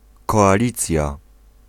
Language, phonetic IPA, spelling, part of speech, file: Polish, [ˌkɔaˈlʲit͡sʲja], koalicja, noun, Pl-koalicja.ogg